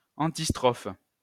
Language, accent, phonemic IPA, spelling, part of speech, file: French, France, /ɑ̃.tis.tʁɔf/, antistrophe, noun, LL-Q150 (fra)-antistrophe.wav
- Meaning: antistrophe